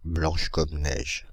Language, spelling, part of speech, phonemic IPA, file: French, blanche comme neige, adjective, /blɑ̃ʃ kɔm nɛʒ/, Fr-blanche comme neige.ogg
- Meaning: feminine singular of blanc comme neige